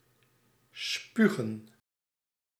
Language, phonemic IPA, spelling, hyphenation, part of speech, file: Dutch, /ˈspy.ɣə(n)/, spugen, spu‧gen, verb, Nl-spugen.ogg
- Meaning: 1. to spit 2. to vomit